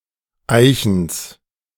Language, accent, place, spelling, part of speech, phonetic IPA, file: German, Germany, Berlin, Eichens, noun, [ˈaɪ̯çəns], De-Eichens.ogg
- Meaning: genitive singular of Eichen